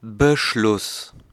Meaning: decision (choice, judgement)
- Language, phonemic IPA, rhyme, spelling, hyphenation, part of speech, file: German, /bəˈʃlʊs/, -ʊs, Beschluss, Be‧schluss, noun, De-Beschluss.ogg